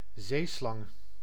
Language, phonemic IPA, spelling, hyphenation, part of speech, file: Dutch, /ˈzeː.slɑŋ/, zeeslang, zee‧slang, noun, Nl-zeeslang.ogg
- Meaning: 1. a sea snake or sea krait, a marine snake of the subfamily Elapinae 2. a sea serpent, a giant sea monster resembling a snake 3. a very long chess game